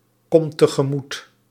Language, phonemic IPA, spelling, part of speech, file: Dutch, /ˈkɔmt təɣəˈmut/, komt tegemoet, verb, Nl-komt tegemoet.ogg
- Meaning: inflection of tegemoetkomen: 1. second/third-person singular present indicative 2. plural imperative